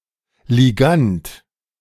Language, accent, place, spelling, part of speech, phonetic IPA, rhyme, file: German, Germany, Berlin, Ligand, noun, [liˈɡant], -ant, De-Ligand.ogg
- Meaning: ligand